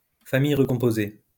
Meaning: blended family (a stepfamily in which both new mates have one or more living kids from prior partners)
- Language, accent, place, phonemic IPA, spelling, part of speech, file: French, France, Lyon, /fa.mij ʁə.kɔ̃.po.ze/, famille recomposée, noun, LL-Q150 (fra)-famille recomposée.wav